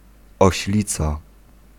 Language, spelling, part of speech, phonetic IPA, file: Polish, oślica, noun, [ɔɕˈlʲit͡sa], Pl-oślica.ogg